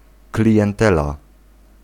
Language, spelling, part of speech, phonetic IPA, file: Polish, klientela, noun, [ˌklʲiʲɛ̃nˈtɛla], Pl-klientela.ogg